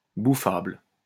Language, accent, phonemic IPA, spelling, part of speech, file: French, France, /bu.fabl/, bouffable, adjective, LL-Q150 (fra)-bouffable.wav
- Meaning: edible; eatable